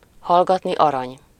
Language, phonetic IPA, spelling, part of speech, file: Hungarian, [ˈhɒlɡɒtni ˈɒrɒɲ], hallgatni arany, proverb, Hu-hallgatni arany.ogg
- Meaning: silence is golden